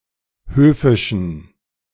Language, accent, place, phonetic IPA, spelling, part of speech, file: German, Germany, Berlin, [ˈhøːfɪʃn̩], höfischen, adjective, De-höfischen.ogg
- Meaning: inflection of höfisch: 1. strong genitive masculine/neuter singular 2. weak/mixed genitive/dative all-gender singular 3. strong/weak/mixed accusative masculine singular 4. strong dative plural